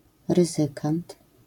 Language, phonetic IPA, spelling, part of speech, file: Polish, [rɨˈzɨkãnt], ryzykant, noun, LL-Q809 (pol)-ryzykant.wav